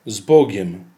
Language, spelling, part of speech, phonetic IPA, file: Polish, z Bogiem, interjection, [ˈz‿bɔɟɛ̃m], Pl-z Bogiem.ogg